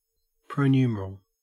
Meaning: variable (symbol)
- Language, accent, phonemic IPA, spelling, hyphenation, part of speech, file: English, Australia, /pɹəʊˈnjuːməɹəl/, pronumeral, pro‧nu‧mer‧al, noun, En-au-pronumeral.ogg